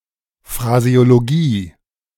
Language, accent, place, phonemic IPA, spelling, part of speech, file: German, Germany, Berlin, /fʁazeoloˈɡiː/, Phraseologie, noun, De-Phraseologie.ogg
- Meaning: phraseology (Study of set or fixed expressions.)